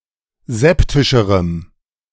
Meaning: strong dative masculine/neuter singular comparative degree of septisch
- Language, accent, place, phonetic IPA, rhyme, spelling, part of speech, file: German, Germany, Berlin, [ˈzɛptɪʃəʁəm], -ɛptɪʃəʁəm, septischerem, adjective, De-septischerem.ogg